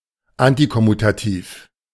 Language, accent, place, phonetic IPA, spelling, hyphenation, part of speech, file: German, Germany, Berlin, [ˈantikɔmutaˌtiːf], antikommutativ, an‧ti‧kom‧mu‧ta‧tiv, adjective, De-antikommutativ.ogg
- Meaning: anticommutative